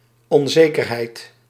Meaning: 1. uncertainty 2. insecurity
- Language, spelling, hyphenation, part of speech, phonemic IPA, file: Dutch, onzekerheid, on‧ze‧ker‧heid, noun, /ɔnˈzekərˌhɛit/, Nl-onzekerheid.ogg